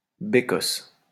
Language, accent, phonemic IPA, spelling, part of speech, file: French, France, /be.kɔs/, bécosse, noun, LL-Q150 (fra)-bécosse.wav
- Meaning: singular of bécosses